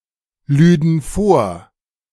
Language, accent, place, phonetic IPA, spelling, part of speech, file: German, Germany, Berlin, [ˌlyːdn̩ ˈfoːɐ̯], lüden vor, verb, De-lüden vor.ogg
- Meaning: first/third-person plural subjunctive II of vorladen